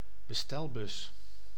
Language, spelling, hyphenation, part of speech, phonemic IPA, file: Dutch, bestelbus, be‧stel‧bus, noun, /bəˈstɛlbʏs/, Nl-bestelbus.ogg
- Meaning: delivery van